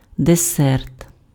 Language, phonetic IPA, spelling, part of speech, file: Ukrainian, [deˈsɛrt], десерт, noun, Uk-десерт.ogg
- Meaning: dessert